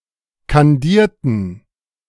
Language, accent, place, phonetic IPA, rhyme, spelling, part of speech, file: German, Germany, Berlin, [kanˈdiːɐ̯tn̩], -iːɐ̯tn̩, kandierten, adjective / verb, De-kandierten.ogg
- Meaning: inflection of kandieren: 1. first/third-person plural preterite 2. first/third-person plural subjunctive II